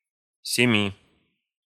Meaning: genitive/dative/prepositional of семь (semʹ)
- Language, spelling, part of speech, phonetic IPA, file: Russian, семи, numeral, [sʲɪˈmʲi], Ru-семи.ogg